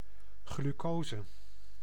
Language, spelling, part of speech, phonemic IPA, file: Dutch, glucose, noun, /ɣlyˈkozə/, Nl-glucose.ogg
- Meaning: glucose